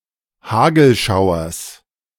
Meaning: genitive singular of Hagelschauer
- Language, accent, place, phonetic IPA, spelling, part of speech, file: German, Germany, Berlin, [ˈhaːɡl̩ˌʃaʊ̯ɐs], Hagelschauers, noun, De-Hagelschauers.ogg